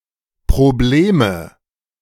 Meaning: nominative/accusative/genitive plural of Problem
- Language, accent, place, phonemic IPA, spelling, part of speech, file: German, Germany, Berlin, /pʁoˈbleːmə/, Probleme, noun, De-Probleme.ogg